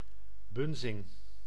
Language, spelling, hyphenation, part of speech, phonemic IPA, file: Dutch, bunzing, bun‧zing, noun, /ˈbʏn.zɪŋ/, Nl-bunzing.ogg
- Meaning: 1. European polecat (Mustela putorius) 2. any polecat in general